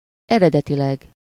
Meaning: originally
- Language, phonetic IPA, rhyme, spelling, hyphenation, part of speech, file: Hungarian, [ˈɛrɛdɛtilɛɡ], -ɛɡ, eredetileg, ere‧de‧ti‧leg, adverb, Hu-eredetileg.ogg